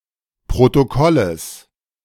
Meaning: genitive singular of Protokoll
- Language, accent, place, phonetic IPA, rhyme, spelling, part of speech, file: German, Germany, Berlin, [pʁotoˈkɔləs], -ɔləs, Protokolles, noun, De-Protokolles.ogg